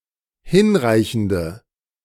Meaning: inflection of hinreichend: 1. strong/mixed nominative/accusative feminine singular 2. strong nominative/accusative plural 3. weak nominative all-gender singular
- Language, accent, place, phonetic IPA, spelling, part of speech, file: German, Germany, Berlin, [ˈhɪnˌʁaɪ̯çn̩də], hinreichende, adjective, De-hinreichende.ogg